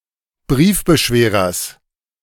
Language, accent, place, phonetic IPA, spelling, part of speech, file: German, Germany, Berlin, [ˈbʁiːfbəˌʃveːʁɐs], Briefbeschwerers, noun, De-Briefbeschwerers.ogg
- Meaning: genitive singular of Briefbeschwerer